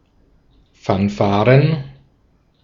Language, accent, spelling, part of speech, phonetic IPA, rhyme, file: German, Austria, Fanfaren, noun, [ˌfanˈfaːʁən], -aːʁən, De-at-Fanfaren.ogg
- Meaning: plural of Fanfare